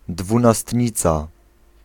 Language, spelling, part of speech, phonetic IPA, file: Polish, dwunastnica, noun, [ˌdvũnaˈstʲɲit͡sa], Pl-dwunastnica.ogg